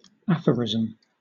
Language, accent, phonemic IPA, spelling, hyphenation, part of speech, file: English, Southern England, /ˈæfəɹɪz(ə)m/, aphorism, aph‧or‧i‧sm, noun / verb, LL-Q1860 (eng)-aphorism.wav
- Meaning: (noun) 1. A concise expression of a principle in an area of knowledge; an axiom, a precept 2. A concise or pithy, and memorable, expression of a general truth; a maxim, a saying